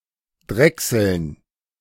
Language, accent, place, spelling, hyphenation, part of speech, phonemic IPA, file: German, Germany, Berlin, drechseln, drech‧seln, verb, /ˈdʁɛksl̩n/, De-drechseln.ogg
- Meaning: to lathe